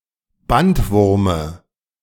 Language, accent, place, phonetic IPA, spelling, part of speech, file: German, Germany, Berlin, [ˈbantˌvʊʁmə], Bandwurme, noun, De-Bandwurme.ogg
- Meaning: dative singular of Bandwurm